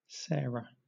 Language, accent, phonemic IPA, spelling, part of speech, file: English, Southern England, /ˈsɛː.ɹə/, Sarah, proper noun, LL-Q1860 (eng)-Sarah.wav
- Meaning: 1. The wife of Abraham and mother of Isaac in the Bible 2. A female given name from Hebrew 3. A female given name from Arabic, ultimately from the same source